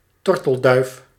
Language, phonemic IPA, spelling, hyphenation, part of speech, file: Dutch, /ˈtɔr.təlˌdœy̯f/, tortelduif, tor‧tel‧duif, noun, Nl-tortelduif.ogg
- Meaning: 1. European turtle dove (Streptopelia turtur) 2. any turtle dove, any pigeon of the genus Streptopelia 3. one of an infatuated couple of lovers, a person in love